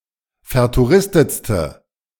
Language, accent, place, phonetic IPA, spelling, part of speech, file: German, Germany, Berlin, [fɛɐ̯tuˈʁɪstət͡stə], vertouristetste, adjective, De-vertouristetste.ogg
- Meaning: inflection of vertouristet: 1. strong/mixed nominative/accusative feminine singular superlative degree 2. strong nominative/accusative plural superlative degree